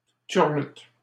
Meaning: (noun) 1. a well-known refrain or folk song 2. fellatio, blowjob; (verb) inflection of turluter: 1. first/third-person singular present indicative/subjunctive 2. second-person singular imperative
- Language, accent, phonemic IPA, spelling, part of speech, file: French, Canada, /tyʁ.lyt/, turlute, noun / verb, LL-Q150 (fra)-turlute.wav